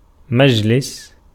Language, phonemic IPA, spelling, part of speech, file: Arabic, /mad͡ʒ.lis/, مجلس, noun, Ar-مجلس.ogg
- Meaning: 1. seat 2. place of meeting; seat of an assembling body; conference room; court; tribunal 3. session, sitting, meeting, party 4. council, college, collegium, board, committee, commission 5. husainiya